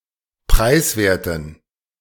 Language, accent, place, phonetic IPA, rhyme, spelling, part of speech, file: German, Germany, Berlin, [ˈpʁaɪ̯sˌveːɐ̯tn̩], -aɪ̯sveːɐ̯tn̩, preiswerten, adjective, De-preiswerten.ogg
- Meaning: inflection of preiswert: 1. strong genitive masculine/neuter singular 2. weak/mixed genitive/dative all-gender singular 3. strong/weak/mixed accusative masculine singular 4. strong dative plural